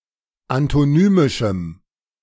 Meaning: strong dative masculine/neuter singular of antonymisch
- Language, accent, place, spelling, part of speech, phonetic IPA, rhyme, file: German, Germany, Berlin, antonymischem, adjective, [antoˈnyːmɪʃm̩], -yːmɪʃm̩, De-antonymischem.ogg